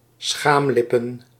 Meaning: plural of schaamlip
- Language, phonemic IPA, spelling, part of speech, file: Dutch, /ˈsxamlɪpə(n)/, schaamlippen, noun, Nl-schaamlippen.ogg